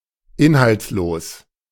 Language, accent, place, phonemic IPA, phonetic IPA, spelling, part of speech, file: German, Germany, Berlin, /ˈɪnhalt͡sˌloːs/, [ˈʔɪnhalt͡sˌloːs], inhaltslos, adjective, De-inhaltslos.ogg
- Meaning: 1. meaningless 2. empty (having no content)